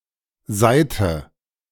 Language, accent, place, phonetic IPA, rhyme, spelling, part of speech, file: German, Germany, Berlin, [ˈzaɪ̯tə], -aɪ̯tə, seihte, verb, De-seihte.ogg
- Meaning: inflection of seihen: 1. first/third-person singular preterite 2. first/third-person singular subjunctive II